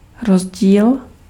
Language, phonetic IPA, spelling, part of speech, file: Czech, [ˈrozɟiːl], rozdíl, noun, Cs-rozdíl.ogg
- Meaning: difference